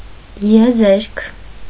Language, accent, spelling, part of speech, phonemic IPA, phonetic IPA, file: Armenian, Eastern Armenian, եզերք, noun, /jeˈzeɾkʰ/, [jezéɾkʰ], Hy-եզերք.ogg
- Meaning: edge